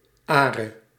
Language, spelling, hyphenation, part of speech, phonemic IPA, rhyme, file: Dutch, are, are, noun, /ˈaː.rə/, -aːrə, Nl-are.ogg
- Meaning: are, a unit of surface area